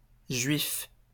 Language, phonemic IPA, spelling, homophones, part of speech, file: French, /ʒɥif/, juif, Juif / juifs / Juifs, adjective / noun, LL-Q150 (fra)-juif.wav
- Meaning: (adjective) 1. Jewish (following the religion of Judaism) 2. stingy, miserly, avaricious; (noun) Jew (follower of Judaism)